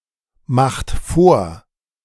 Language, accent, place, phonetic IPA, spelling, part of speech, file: German, Germany, Berlin, [ˌmaxt ˈfoːɐ̯], macht vor, verb, De-macht vor.ogg
- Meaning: inflection of vormachen: 1. second-person plural present 2. third-person singular present 3. plural imperative